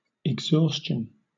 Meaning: 1. The point of complete depletion, of the state of being used up 2. Supreme tiredness; having exhausted energy
- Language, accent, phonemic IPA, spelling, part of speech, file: English, Southern England, /ɪɡˈzɔːs.t͡ʃən/, exhaustion, noun, LL-Q1860 (eng)-exhaustion.wav